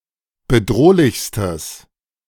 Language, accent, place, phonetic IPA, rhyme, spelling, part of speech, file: German, Germany, Berlin, [bəˈdʁoːlɪçstəs], -oːlɪçstəs, bedrohlichstes, adjective, De-bedrohlichstes.ogg
- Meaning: strong/mixed nominative/accusative neuter singular superlative degree of bedrohlich